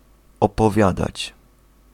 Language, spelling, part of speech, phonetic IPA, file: Polish, opowiadać, verb, [ˌɔpɔˈvʲjadat͡ɕ], Pl-opowiadać.ogg